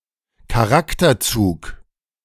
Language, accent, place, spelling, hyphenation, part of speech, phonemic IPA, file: German, Germany, Berlin, Charakterzug, Cha‧rak‧ter‧zug, noun, /kaˈʁaktɐˌt͡suːk/, De-Charakterzug.ogg
- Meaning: character trait